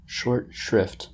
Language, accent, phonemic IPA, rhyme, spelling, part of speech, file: English, General American, /ˌʃɔɹt ˈʃɹɪft/, -ɪft, short shrift, noun, En-us-short shrift.oga
- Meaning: 1. A rushed sacrament of confession given to a prisoner who is to be executed very soon 2. Speedy execution, usually without any proper determination of guilt 3. A short interval of relief or time